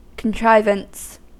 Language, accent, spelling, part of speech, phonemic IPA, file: English, US, contrivance, noun, /kənˈtɹaɪ.vəns/, En-us-contrivance.ogg
- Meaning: 1. A (mechanical) device to perform a certain task 2. A means, such as an elaborate plan or strategy, to accomplish a certain objective 3. Something overly artful or artificial